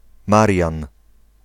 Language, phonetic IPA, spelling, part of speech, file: Polish, [ˈmarʲjãn], Marian, proper noun, Pl-Marian.ogg